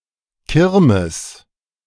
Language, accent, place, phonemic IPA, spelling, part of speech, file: German, Germany, Berlin, /ˈkɪrməs/, Kirmes, noun, De-Kirmes.ogg
- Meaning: fair, funfair